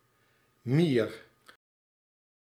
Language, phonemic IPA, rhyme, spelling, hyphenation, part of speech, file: Dutch, /mir/, -ir, mier, mier, noun, Nl-mier.ogg
- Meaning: 1. ant 2. insignificant individual